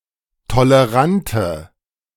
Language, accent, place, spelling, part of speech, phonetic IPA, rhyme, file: German, Germany, Berlin, tolerante, adjective, [toləˈʁantə], -antə, De-tolerante.ogg
- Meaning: inflection of tolerant: 1. strong/mixed nominative/accusative feminine singular 2. strong nominative/accusative plural 3. weak nominative all-gender singular